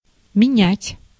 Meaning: 1. to swap, to barter (to give something to another person and take something in return) 2. to replace, to substitute or supersede (to get rid of an old thing or person and get a new one)
- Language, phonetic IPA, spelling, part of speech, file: Russian, [mʲɪˈnʲætʲ], менять, verb, Ru-менять.ogg